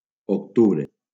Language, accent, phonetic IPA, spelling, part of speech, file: Catalan, Valencia, [okˈtu.bɾe], octubre, noun, LL-Q7026 (cat)-octubre.wav
- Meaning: October